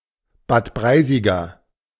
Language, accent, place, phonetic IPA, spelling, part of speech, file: German, Germany, Berlin, [baːt ˈbʁaɪ̯zɪɡɐ], Bad Breisiger, adjective, De-Bad Breisiger.ogg
- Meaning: of Bad Breisig